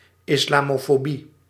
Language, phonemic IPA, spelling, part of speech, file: Dutch, /ɪsˌlamofoˈbi/, islamofobie, noun, Nl-islamofobie.ogg
- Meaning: the aversion Islamophobia, directing against Muslims and their Islamic faith